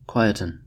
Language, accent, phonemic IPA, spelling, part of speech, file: English, US, /ˈkwaɪ.ə.tən/, quieten, verb, En-us-quieten.ogg
- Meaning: 1. To make quiet 2. To become quiet